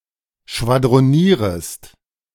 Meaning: second-person singular subjunctive I of schwadronieren
- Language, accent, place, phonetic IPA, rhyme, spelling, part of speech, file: German, Germany, Berlin, [ʃvadʁoˈniːʁəst], -iːʁəst, schwadronierest, verb, De-schwadronierest.ogg